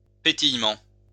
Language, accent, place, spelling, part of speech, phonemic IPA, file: French, France, Lyon, pétillement, noun, /pe.tij.mɑ̃/, LL-Q150 (fra)-pétillement.wav
- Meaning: 1. twinkle, sparkle 2. crackle, crackling 3. fizz, bubbling up, bubbling